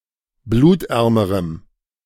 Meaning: strong dative masculine/neuter singular comparative degree of blutarm
- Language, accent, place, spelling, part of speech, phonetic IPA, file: German, Germany, Berlin, blutärmerem, adjective, [ˈbluːtˌʔɛʁməʁəm], De-blutärmerem.ogg